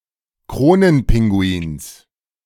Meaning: genitive singular of Kronenpinguin
- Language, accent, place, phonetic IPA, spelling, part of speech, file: German, Germany, Berlin, [ˈkʁoːnənˌpɪŋɡuiːns], Kronenpinguins, noun, De-Kronenpinguins.ogg